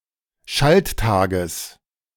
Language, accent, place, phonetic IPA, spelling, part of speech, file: German, Germany, Berlin, [ˈʃaltˌtaːɡəs], Schalttages, noun, De-Schalttages.ogg
- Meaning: genitive singular of Schalttag